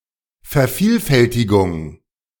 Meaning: duplication
- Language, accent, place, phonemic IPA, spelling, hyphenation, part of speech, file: German, Germany, Berlin, /fɛɐ̯ˈfiːlˌfɛltɪɡʊŋ/, Vervielfältigung, Ver‧viel‧fäl‧ti‧gung, noun, De-Vervielfältigung.ogg